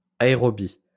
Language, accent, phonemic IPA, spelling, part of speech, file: French, France, /a.e.ʁɔ.bi/, aérobie, adjective, LL-Q150 (fra)-aérobie.wav
- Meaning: 1. aerobics; aerobic 2. aerobic